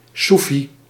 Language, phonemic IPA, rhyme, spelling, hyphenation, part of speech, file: Dutch, /ˈsu.fi/, -ufi, soefi, soe‧fi, noun, Nl-soefi.ogg
- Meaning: Sufi